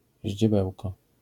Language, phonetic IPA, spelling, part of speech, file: Polish, [ʑd͡ʑɛˈbɛwkɔ], ździebełko, noun / adverb, LL-Q809 (pol)-ździebełko.wav